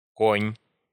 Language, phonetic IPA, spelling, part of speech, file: Russian, [konʲ], конь, noun, Ru-конь.ogg
- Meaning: 1. horse; male horse 2. steed 3. horse 4. knight (Russian abbreviation: К)